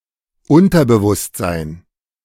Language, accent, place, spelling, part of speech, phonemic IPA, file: German, Germany, Berlin, Unterbewusstsein, noun, /ˈʔʊntɐbəvʊstzaɪ̯n/, De-Unterbewusstsein.ogg
- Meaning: subconscious mind